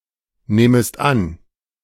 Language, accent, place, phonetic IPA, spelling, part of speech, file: German, Germany, Berlin, [ˌnɛːməst ˈan], nähmest an, verb, De-nähmest an.ogg
- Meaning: second-person singular subjunctive II of annehmen